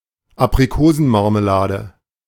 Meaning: apricot marmalade
- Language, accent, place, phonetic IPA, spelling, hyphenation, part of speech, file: German, Germany, Berlin, [apʀiˈkoːzn̩maʁməˌlaːdə], Aprikosenmarmelade, Ap‧ri‧ko‧sen‧mar‧me‧la‧de, noun, De-Aprikosenmarmelade.ogg